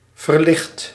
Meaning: 1. inflection of verlichten: first/second/third-person singular present indicative 2. inflection of verlichten: imperative 3. past participle of verlichten
- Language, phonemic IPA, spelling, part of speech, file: Dutch, /vərˈlɪxt/, verlicht, adjective / verb, Nl-verlicht.ogg